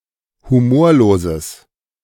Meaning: strong/mixed nominative/accusative neuter singular of humorlos
- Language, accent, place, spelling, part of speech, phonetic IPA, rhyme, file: German, Germany, Berlin, humorloses, adjective, [huˈmoːɐ̯loːzəs], -oːɐ̯loːzəs, De-humorloses.ogg